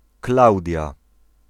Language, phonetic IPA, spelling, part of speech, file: Polish, [ˈklawdʲja], Klaudia, proper noun, Pl-Klaudia.ogg